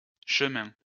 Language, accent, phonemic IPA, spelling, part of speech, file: French, France, /ʃə.mɛ̃/, chemins, noun, LL-Q150 (fra)-chemins.wav
- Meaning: plural of chemin